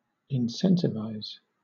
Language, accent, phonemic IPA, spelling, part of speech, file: English, Southern England, /ɪnˈsɛntɪvaɪz/, incentivize, verb, LL-Q1860 (eng)-incentivize.wav
- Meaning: 1. To provide incentives for; to encourage 2. To provide incentives to